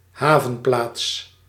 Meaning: port (any settlement with a harbour)
- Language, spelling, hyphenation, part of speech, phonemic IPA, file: Dutch, havenplaats, ha‧ven‧plaats, noun, /ˈɦaː.və(n)ˌplaːts/, Nl-havenplaats.ogg